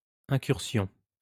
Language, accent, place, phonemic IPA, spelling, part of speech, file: French, France, Lyon, /ɛ̃.kyʁ.sjɔ̃/, incursion, noun, LL-Q150 (fra)-incursion.wav
- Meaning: 1. incursion 2. foray 3. excursion